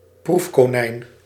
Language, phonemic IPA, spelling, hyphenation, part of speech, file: Dutch, /ˈpruf.koːˌnɛi̯n/, proefkonijn, proef‧ko‧nijn, noun, Nl-proefkonijn.ogg
- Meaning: 1. a rabbit used for animal testing 2. guinea pig (test subject)